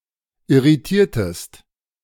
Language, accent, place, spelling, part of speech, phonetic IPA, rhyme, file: German, Germany, Berlin, irritiertest, verb, [ɪʁiˈtiːɐ̯təst], -iːɐ̯təst, De-irritiertest.ogg
- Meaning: inflection of irritieren: 1. second-person singular preterite 2. second-person singular subjunctive II